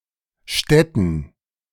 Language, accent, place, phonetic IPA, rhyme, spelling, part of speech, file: German, Germany, Berlin, [ˈʃtɛtn̩], -ɛtn̩, Stetten, proper noun, De-Stetten.ogg
- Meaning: 1. a town in Swabian Jura, Baden-Württemberg, Germany 2. a village in Black Forest, Baden-Württemberg, Germany 3. a municipality of Bavaria, Germany 4. a municipality of Rhineland-Palatinate, Germany